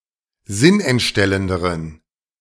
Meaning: inflection of sinnentstellend: 1. strong genitive masculine/neuter singular comparative degree 2. weak/mixed genitive/dative all-gender singular comparative degree
- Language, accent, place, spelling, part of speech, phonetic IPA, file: German, Germany, Berlin, sinnentstellenderen, adjective, [ˈzɪnʔɛntˌʃtɛləndəʁən], De-sinnentstellenderen.ogg